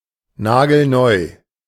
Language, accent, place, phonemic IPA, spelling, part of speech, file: German, Germany, Berlin, /ˈnaːɡl̩ˈnɔɪ̯/, nagelneu, adjective, De-nagelneu.ogg
- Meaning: brand new